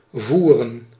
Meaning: 1. to guide, lead 2. to wage (war) 3. to bear a coat of arms 4. to bear a name unofficially or semi-officially (e.g. in the Middle Ages when names were not entirely fixed yet)
- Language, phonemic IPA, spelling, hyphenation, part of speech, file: Dutch, /ˈvu.rə(n)/, voeren, voe‧ren, verb, Nl-voeren.ogg